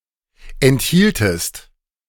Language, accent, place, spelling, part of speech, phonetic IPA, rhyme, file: German, Germany, Berlin, enthieltest, verb, [ɛntˈhiːltəst], -iːltəst, De-enthieltest.ogg
- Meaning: second-person singular subjunctive I of enthalten